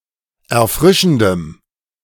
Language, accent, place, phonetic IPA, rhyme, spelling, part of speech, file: German, Germany, Berlin, [ɛɐ̯ˈfʁɪʃn̩dəm], -ɪʃn̩dəm, erfrischendem, adjective, De-erfrischendem.ogg
- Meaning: strong dative masculine/neuter singular of erfrischend